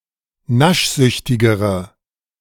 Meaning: inflection of naschsüchtig: 1. strong/mixed nominative/accusative feminine singular comparative degree 2. strong nominative/accusative plural comparative degree
- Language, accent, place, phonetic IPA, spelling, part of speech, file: German, Germany, Berlin, [ˈnaʃˌzʏçtɪɡəʁə], naschsüchtigere, adjective, De-naschsüchtigere.ogg